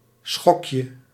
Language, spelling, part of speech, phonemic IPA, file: Dutch, schokje, noun, /ˈsxɔkjə/, Nl-schokje.ogg
- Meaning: diminutive of schok